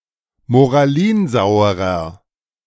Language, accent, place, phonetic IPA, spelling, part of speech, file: German, Germany, Berlin, [moʁaˈliːnˌzaʊ̯əʁɐ], moralinsauerer, adjective, De-moralinsauerer.ogg
- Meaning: inflection of moralinsauer: 1. strong/mixed nominative masculine singular 2. strong genitive/dative feminine singular 3. strong genitive plural